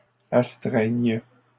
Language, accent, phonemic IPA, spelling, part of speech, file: French, Canada, /as.tʁɛɲ/, astreignes, verb, LL-Q150 (fra)-astreignes.wav
- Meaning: second-person singular present subjunctive of astreindre